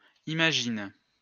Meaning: inflection of imaginer: 1. first/third-person singular present indicative/subjunctive 2. second-person singular imperative
- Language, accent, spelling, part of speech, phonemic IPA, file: French, France, imagine, verb, /i.ma.ʒin/, LL-Q150 (fra)-imagine.wav